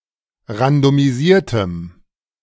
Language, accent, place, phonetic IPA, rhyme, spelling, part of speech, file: German, Germany, Berlin, [ʁandomiˈziːɐ̯təm], -iːɐ̯təm, randomisiertem, adjective, De-randomisiertem.ogg
- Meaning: strong dative masculine/neuter singular of randomisiert